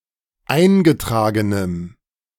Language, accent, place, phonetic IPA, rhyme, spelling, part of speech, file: German, Germany, Berlin, [ˈaɪ̯nɡəˌtʁaːɡənəm], -aɪ̯nɡətʁaːɡənəm, eingetragenem, adjective, De-eingetragenem.ogg
- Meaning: strong dative masculine/neuter singular of eingetragen